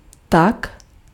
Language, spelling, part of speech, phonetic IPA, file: Czech, tak, adverb / interjection, [ˈtak], Cs-tak.ogg
- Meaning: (adverb) 1. so (very) 2. so (therefore) 3. so, in that way; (interjection) so